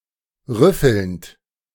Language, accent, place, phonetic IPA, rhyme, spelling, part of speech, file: German, Germany, Berlin, [ˈʁʏfl̩nt], -ʏfl̩nt, rüffelnd, verb, De-rüffelnd.ogg
- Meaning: present participle of rüffeln